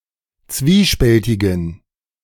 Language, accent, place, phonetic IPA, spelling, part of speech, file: German, Germany, Berlin, [ˈt͡sviːˌʃpɛltɪɡn̩], zwiespältigen, adjective, De-zwiespältigen.ogg
- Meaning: inflection of zwiespältig: 1. strong genitive masculine/neuter singular 2. weak/mixed genitive/dative all-gender singular 3. strong/weak/mixed accusative masculine singular 4. strong dative plural